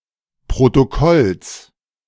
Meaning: genitive singular of Protokoll
- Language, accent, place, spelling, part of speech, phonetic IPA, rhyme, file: German, Germany, Berlin, Protokolls, noun, [pʁotoˈkɔls], -ɔls, De-Protokolls.ogg